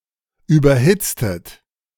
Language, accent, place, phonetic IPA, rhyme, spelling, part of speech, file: German, Germany, Berlin, [ˌyːbɐˈhɪt͡stət], -ɪt͡stət, überhitztet, verb, De-überhitztet.ogg
- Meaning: inflection of überhitzen: 1. second-person plural preterite 2. second-person plural subjunctive II